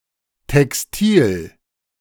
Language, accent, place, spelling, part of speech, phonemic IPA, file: German, Germany, Berlin, Textil, noun, /tɛksˈtiːl/, De-Textil.ogg
- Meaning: textile